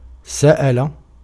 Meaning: 1. to ask, inquire 2. to ask, request, demand, claim 3. to beg
- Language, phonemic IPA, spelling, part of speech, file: Arabic, /sa.ʔa.la/, سأل, verb, Ar-سأل.ogg